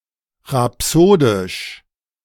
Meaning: rhapsodic
- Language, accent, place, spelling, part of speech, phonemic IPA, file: German, Germany, Berlin, rhapsodisch, adjective, /ʁaˈpsoːdɪʃ/, De-rhapsodisch.ogg